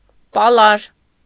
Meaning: 1. abscess 2. tubercle 3. tuber
- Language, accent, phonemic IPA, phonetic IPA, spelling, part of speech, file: Armenian, Eastern Armenian, /pɑˈlɑɾ/, [pɑlɑ́ɾ], պալար, noun, Hy-պալար.ogg